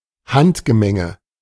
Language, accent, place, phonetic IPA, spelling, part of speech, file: German, Germany, Berlin, [ˈhantɡəˌmɛŋə], Handgemenge, noun, De-Handgemenge.ogg
- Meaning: brawl, scuffle